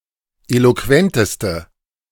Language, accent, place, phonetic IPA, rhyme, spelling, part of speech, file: German, Germany, Berlin, [ˌeloˈkvɛntəstə], -ɛntəstə, eloquenteste, adjective, De-eloquenteste.ogg
- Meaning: inflection of eloquent: 1. strong/mixed nominative/accusative feminine singular superlative degree 2. strong nominative/accusative plural superlative degree